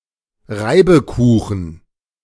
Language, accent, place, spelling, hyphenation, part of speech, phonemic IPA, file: German, Germany, Berlin, Reibekuchen, Rei‧be‧ku‧chen, noun, /ˈʁaɪ̯bəˌkuːxn̩/, De-Reibekuchen.ogg
- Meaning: potato pancake